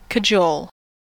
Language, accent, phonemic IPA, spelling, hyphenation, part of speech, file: English, US, /kəˈd͡ʒoʊl/, cajole, ca‧jole, verb / noun, En-us-cajole.ogg
- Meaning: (verb) To persuade someone to do something which they are reluctant to do, especially by flattery or promises; to coax; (noun) The act of cajoling